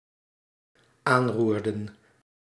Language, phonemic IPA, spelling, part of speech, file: Dutch, /ˈanrurdə(n)/, aanroerden, verb, Nl-aanroerden.ogg
- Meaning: inflection of aanroeren: 1. plural dependent-clause past indicative 2. plural dependent-clause past subjunctive